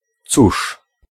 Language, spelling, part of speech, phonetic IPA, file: Polish, cóż, pronoun / particle / interjection, [t͡suʃ], Pl-cóż.ogg